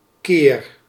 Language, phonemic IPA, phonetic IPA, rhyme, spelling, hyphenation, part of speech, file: Dutch, /keːr/, [kɪːr], -eːr, keer, keer, noun / verb, Nl-keer.ogg
- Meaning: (noun) 1. time (occasion, instance) 2. reversion, reversal, turn; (verb) inflection of keren: 1. first-person singular present indicative 2. second-person singular present indicative 3. imperative